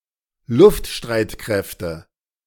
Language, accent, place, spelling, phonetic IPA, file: German, Germany, Berlin, Luftstreitkräfte, [ˈlʊftˌʃtʁaɪ̯tkʁɛftə], De-Luftstreitkräfte.ogg
- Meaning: nominative/accusative/genitive plural of Luftstreitkraft "air force"